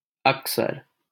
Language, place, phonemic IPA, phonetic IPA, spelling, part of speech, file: Hindi, Delhi, /ək.səɾ/, [ɐk.sɐɾ], अक्सर, adverb, LL-Q1568 (hin)-अक्सर.wav
- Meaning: often, usually, frequently